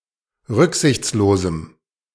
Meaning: strong dative masculine/neuter singular of rücksichtslos
- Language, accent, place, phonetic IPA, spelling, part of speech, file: German, Germany, Berlin, [ˈʁʏkzɪçt͡sloːzm̩], rücksichtslosem, adjective, De-rücksichtslosem.ogg